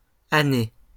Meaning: plural of année
- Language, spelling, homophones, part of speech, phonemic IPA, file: French, années, année / Année, noun, /a.ne/, LL-Q150 (fra)-années.wav